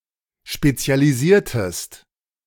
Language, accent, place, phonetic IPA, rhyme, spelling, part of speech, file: German, Germany, Berlin, [ˌʃpet͡si̯aliˈziːɐ̯təst], -iːɐ̯təst, spezialisiertest, verb, De-spezialisiertest.ogg
- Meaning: inflection of spezialisieren: 1. second-person singular preterite 2. second-person singular subjunctive II